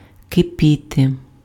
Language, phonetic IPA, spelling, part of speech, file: Ukrainian, [keˈpʲite], кипіти, verb, Uk-кипіти.ogg
- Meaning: 1. to boil, to simmer, to seethe 2. to boil, to seethe, to burn, to effervesce (in terms of emotions) 3. to be in full swing (in terms of action)